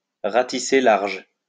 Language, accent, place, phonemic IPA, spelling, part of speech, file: French, France, Lyon, /ʁa.ti.se laʁʒ/, ratisser large, verb, LL-Q150 (fra)-ratisser large.wav
- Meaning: to cast one's net wide